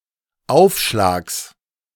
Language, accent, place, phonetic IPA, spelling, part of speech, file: German, Germany, Berlin, [ˈaʊ̯fˌʃlaːks], Aufschlags, noun, De-Aufschlags.ogg
- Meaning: genitive singular of Aufschlag